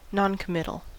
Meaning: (adjective) Tending to avoid commitment; lacking certainty or decisiveness; reluctant to give out information or show one's feelings or opinion
- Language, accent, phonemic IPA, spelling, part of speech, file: English, US, /ˌnɑnkəˈmɪtl̩/, noncommittal, adjective / noun, En-us-noncommittal.ogg